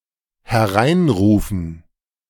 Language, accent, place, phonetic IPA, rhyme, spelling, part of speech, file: German, Germany, Berlin, [hɛˈʁaɪ̯nˌʁuːfn̩], -aɪ̯nʁuːfn̩, hereinrufen, verb, De-hereinrufen.ogg
- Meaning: to call in